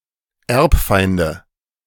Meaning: nominative/accusative/genitive plural of Erbfeind
- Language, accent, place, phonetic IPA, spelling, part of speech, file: German, Germany, Berlin, [ˈɛʁpˌfaɪ̯ndə], Erbfeinde, noun, De-Erbfeinde.ogg